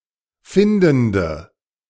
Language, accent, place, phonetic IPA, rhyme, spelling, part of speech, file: German, Germany, Berlin, [ˈfɪndn̩də], -ɪndn̩də, findende, adjective, De-findende.ogg
- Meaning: inflection of findend: 1. strong/mixed nominative/accusative feminine singular 2. strong nominative/accusative plural 3. weak nominative all-gender singular 4. weak accusative feminine/neuter singular